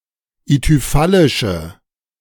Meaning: inflection of ithyphallisch: 1. strong/mixed nominative/accusative feminine singular 2. strong nominative/accusative plural 3. weak nominative all-gender singular
- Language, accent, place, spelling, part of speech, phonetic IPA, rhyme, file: German, Germany, Berlin, ithyphallische, adjective, [ityˈfalɪʃə], -alɪʃə, De-ithyphallische.ogg